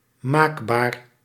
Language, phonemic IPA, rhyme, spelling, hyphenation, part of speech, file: Dutch, /ˈmaːk.baːr/, -aːkbaːr, maakbaar, maak‧baar, adjective, Nl-maakbaar.ogg
- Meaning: achievable, malleable